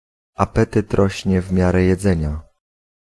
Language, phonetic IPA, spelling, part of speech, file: Polish, [aˈpɛtɨt ˈrɔɕɲɛ ˈv‿mʲjarɛ jɛˈd͡zɛ̃ɲa], apetyt rośnie w miarę jedzenia, proverb, Pl-apetyt rośnie w miarę jedzenia.ogg